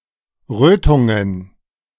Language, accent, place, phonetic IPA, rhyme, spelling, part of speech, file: German, Germany, Berlin, [ˈʁøːtʊŋən], -øːtʊŋən, Rötungen, noun, De-Rötungen.ogg
- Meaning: plural of Rötung